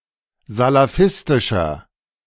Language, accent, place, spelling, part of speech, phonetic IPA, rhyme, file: German, Germany, Berlin, salafistischer, adjective, [zalaˈfɪstɪʃɐ], -ɪstɪʃɐ, De-salafistischer.ogg
- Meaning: inflection of salafistisch: 1. strong/mixed nominative masculine singular 2. strong genitive/dative feminine singular 3. strong genitive plural